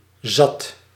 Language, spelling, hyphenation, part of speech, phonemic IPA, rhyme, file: Dutch, zat, zat, adjective / determiner / adverb / verb, /zɑt/, -ɑt, Nl-zat.ogg
- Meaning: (adjective) 1. having had enough, having had it up to here, fed up 2. drunk, tipsy 3. sated, full; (determiner) plenty; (adverb) enough; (verb) singular past indicative of zitten